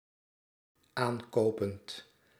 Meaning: present participle of aankopen
- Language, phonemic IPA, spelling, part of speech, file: Dutch, /ˈaŋkopənt/, aankopend, verb, Nl-aankopend.ogg